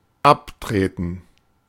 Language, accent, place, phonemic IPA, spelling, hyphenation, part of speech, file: German, Germany, Berlin, /ˈapˌtʁeːtn̩/, abtreten, ab‧tre‧ten, verb, De-abtreten.ogg
- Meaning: 1. to kick away 2. to wipe off (the soles of one’s shoes) 3. to wear out (one’s shoes) 4. to step away, walk off 5. to resign (one’s job) [with von] 6. to die 7. to relinquish, trade away, cede